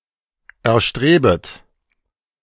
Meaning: second-person plural subjunctive I of erstreben
- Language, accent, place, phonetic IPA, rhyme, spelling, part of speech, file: German, Germany, Berlin, [ɛɐ̯ˈʃtʁeːbət], -eːbət, erstrebet, verb, De-erstrebet.ogg